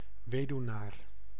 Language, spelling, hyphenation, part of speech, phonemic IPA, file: Dutch, weduwnaar, we‧duw‧naar, noun, /ˈʋeː.dyu̯ˌnaːr/, Nl-weduwnaar.ogg
- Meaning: widower, surviving husband